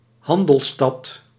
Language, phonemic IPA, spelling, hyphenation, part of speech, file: Dutch, /ˈɦɑn.dəlˌstɑt/, handelsstad, han‧dels‧stad, noun, Nl-handelsstad.ogg
- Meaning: trading city, trading town